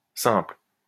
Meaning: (adjective) plural of simple
- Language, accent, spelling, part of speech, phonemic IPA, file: French, France, simples, adjective / noun, /sɛ̃pl/, LL-Q150 (fra)-simples.wav